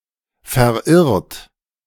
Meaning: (verb) past participle of verirren; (adjective) lost, stray; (verb) inflection of verirren: 1. third-person singular present 2. second-person plural present 3. plural imperative
- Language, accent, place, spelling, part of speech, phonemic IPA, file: German, Germany, Berlin, verirrt, verb / adjective, /fɛɐ̯ˈʔɪʁt/, De-verirrt.ogg